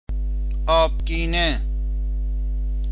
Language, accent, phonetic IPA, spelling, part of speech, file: Persian, Iran, [ʔɒːb.ɡʲiː.né], آبگینه, noun, Fa-آبگینه.ogg
- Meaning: 1. glass (substance) 2. glass (drinking vessel) 3. mirror